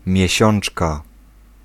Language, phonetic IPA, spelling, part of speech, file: Polish, [mʲjɛ̇ˈɕɔ̃n͇t͡ʃka], miesiączka, noun, Pl-miesiączka.ogg